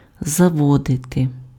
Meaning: 1. to take, to bring, to lead 2. to get, to procure, to acquire, to buy 3. to establish, to set up, to found, to introduce 4. to start 5. to start (:motor); to wind up (:clock); to set (:alarm clock)
- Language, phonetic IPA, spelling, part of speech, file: Ukrainian, [zɐˈwɔdete], заводити, verb, Uk-заводити.ogg